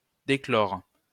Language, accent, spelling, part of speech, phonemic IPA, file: French, France, déclore, verb, /de.klɔʁ/, LL-Q150 (fra)-déclore.wav
- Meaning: 1. to open, reopen (open something which was closed) 2. to uncover